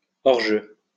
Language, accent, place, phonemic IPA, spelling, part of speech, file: French, France, Lyon, /ɔʁ.ʒø/, hors-jeu, adjective / noun, LL-Q150 (fra)-hors-jeu.wav
- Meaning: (adjective) offside